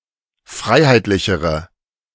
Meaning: inflection of freiheitlich: 1. strong/mixed nominative/accusative feminine singular comparative degree 2. strong nominative/accusative plural comparative degree
- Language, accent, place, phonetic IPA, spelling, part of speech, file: German, Germany, Berlin, [ˈfʁaɪ̯haɪ̯tlɪçəʁə], freiheitlichere, adjective, De-freiheitlichere.ogg